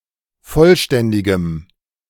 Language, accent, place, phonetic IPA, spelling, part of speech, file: German, Germany, Berlin, [ˈfɔlˌʃtɛndɪɡəm], vollständigem, adjective, De-vollständigem.ogg
- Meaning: strong dative masculine/neuter singular of vollständig